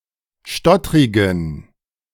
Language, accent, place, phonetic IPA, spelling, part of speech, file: German, Germany, Berlin, [ˈʃtɔtʁɪɡn̩], stottrigen, adjective, De-stottrigen.ogg
- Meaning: inflection of stottrig: 1. strong genitive masculine/neuter singular 2. weak/mixed genitive/dative all-gender singular 3. strong/weak/mixed accusative masculine singular 4. strong dative plural